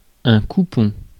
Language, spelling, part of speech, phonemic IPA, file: French, coupon, noun, /ku.pɔ̃/, Fr-coupon.ogg
- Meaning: 1. coupon (certificate of interest due) 2. an oddment or offcut, a short rest of fabric remaining from a bolt (roll) or large piece